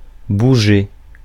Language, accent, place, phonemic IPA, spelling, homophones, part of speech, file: French, France, Paris, /bu.ʒe/, bouger, bougeai / bougé / bougée / bougées / bougés / bougez, verb, Fr-bouger.ogg
- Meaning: 1. to move (in general) 2. to budge